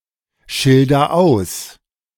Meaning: inflection of ausschildern: 1. first-person singular present 2. singular imperative
- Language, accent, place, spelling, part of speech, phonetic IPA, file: German, Germany, Berlin, schilder aus, verb, [ˌʃɪldɐ ˈaʊ̯s], De-schilder aus.ogg